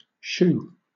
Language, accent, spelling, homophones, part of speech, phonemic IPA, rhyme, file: English, Southern England, shoo, shoe / SHU, verb / interjection / pronoun, /ʃuː/, -uː, LL-Q1860 (eng)-shoo.wav
- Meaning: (verb) 1. To induce someone or something to leave 2. To leave under inducement 3. To usher someone; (interjection) Go away! Clear off!; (pronoun) Alternative form of she